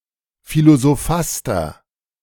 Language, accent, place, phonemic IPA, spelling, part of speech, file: German, Germany, Berlin, /ˌfilozoˈfastɐ/, Philosophaster, noun, De-Philosophaster.ogg
- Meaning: philosophaster (a pretender to philosophy; a petty or charlatan philosopher)